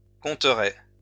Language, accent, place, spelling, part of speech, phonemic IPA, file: French, France, Lyon, compterais, verb, /kɔ̃.tʁɛ/, LL-Q150 (fra)-compterais.wav
- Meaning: first/second-person singular conditional of compter